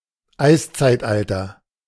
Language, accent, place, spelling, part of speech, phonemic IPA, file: German, Germany, Berlin, Eiszeitalter, noun, /ˈaɪ̯st͡saɪ̯tˌʔaltɐ/, De-Eiszeitalter.ogg
- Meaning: 1. ice age (long-term reduction in the temperature of Earth's surface) 2. Pleistocene